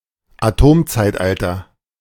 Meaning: Atomic Age
- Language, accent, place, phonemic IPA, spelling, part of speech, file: German, Germany, Berlin, /aˈtoːmt͡saɪ̯tˌʔaltɐ/, Atomzeitalter, noun, De-Atomzeitalter.ogg